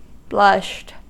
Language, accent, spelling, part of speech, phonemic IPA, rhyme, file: English, US, blushed, verb, /blʌʃt/, -ʌʃt, En-us-blushed.ogg
- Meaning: simple past and past participle of blush